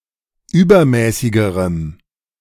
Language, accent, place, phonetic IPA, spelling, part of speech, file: German, Germany, Berlin, [ˈyːbɐˌmɛːsɪɡəʁəm], übermäßigerem, adjective, De-übermäßigerem.ogg
- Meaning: strong dative masculine/neuter singular comparative degree of übermäßig